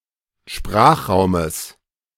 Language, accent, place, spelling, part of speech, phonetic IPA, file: German, Germany, Berlin, Sprachraumes, noun, [ˈʃpʁaːxˌʁaʊ̯məs], De-Sprachraumes.ogg
- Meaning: genitive of Sprachraum